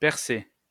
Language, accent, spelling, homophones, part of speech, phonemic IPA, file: French, France, Persée, percé / percée / percées / percer / percés / Persé, proper noun, /pɛʁ.se/, LL-Q150 (fra)-Persée.wav
- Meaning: Perseus